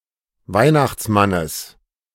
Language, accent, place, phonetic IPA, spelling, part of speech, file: German, Germany, Berlin, [ˈvaɪ̯naxt͡sˌmanəs], Weihnachtsmannes, noun, De-Weihnachtsmannes.ogg
- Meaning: genitive singular of Weihnachtsmann